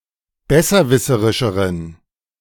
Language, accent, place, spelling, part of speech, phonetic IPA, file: German, Germany, Berlin, besserwisserischeren, adjective, [ˈbɛsɐˌvɪsəʁɪʃəʁən], De-besserwisserischeren.ogg
- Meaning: inflection of besserwisserisch: 1. strong genitive masculine/neuter singular comparative degree 2. weak/mixed genitive/dative all-gender singular comparative degree